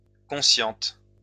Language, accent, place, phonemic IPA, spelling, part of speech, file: French, France, Lyon, /kɔ̃.sjɑ̃t/, consciente, adjective, LL-Q150 (fra)-consciente.wav
- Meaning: feminine singular of conscient